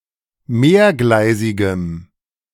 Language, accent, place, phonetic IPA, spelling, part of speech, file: German, Germany, Berlin, [ˈmeːɐ̯ˌɡlaɪ̯zɪɡəm], mehrgleisigem, adjective, De-mehrgleisigem.ogg
- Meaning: strong dative masculine/neuter singular of mehrgleisig